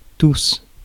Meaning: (pronoun) 1. all 2. everybody; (adjective) masculine plural of tout
- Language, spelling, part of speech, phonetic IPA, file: French, tous, pronoun / adjective, [tʊs], Fr-tous.ogg